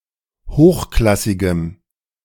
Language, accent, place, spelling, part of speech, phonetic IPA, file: German, Germany, Berlin, hochklassigem, adjective, [ˈhoːxˌklasɪɡəm], De-hochklassigem.ogg
- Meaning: strong dative masculine/neuter singular of hochklassig